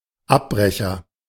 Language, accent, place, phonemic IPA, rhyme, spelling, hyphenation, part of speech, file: German, Germany, Berlin, /ˈapˌbʁɛçɐ/, -ɛçɐ, Abbrecher, Ab‧bre‧cher, noun, De-Abbrecher.ogg
- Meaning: 1. dropout 2. agent noun of abbrechen; demolition company, demolition worker